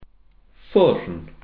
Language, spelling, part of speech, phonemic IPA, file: Welsh, ffwrn, noun, /fʊrn/, Cy-ffwrn.ogg
- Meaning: oven